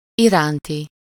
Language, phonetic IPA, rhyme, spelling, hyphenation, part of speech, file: Hungarian, [ˈiraːnti], -ti, iránti, irán‧ti, adjective, Hu-iránti.ogg
- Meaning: concerning, regarding, for, towards